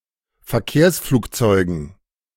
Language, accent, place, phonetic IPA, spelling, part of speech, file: German, Germany, Berlin, [fɛɐ̯ˈkeːɐ̯sfluːkˌt͡sɔɪ̯ɡn̩], Verkehrsflugzeugen, noun, De-Verkehrsflugzeugen.ogg
- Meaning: dative plural of Verkehrsflugzeug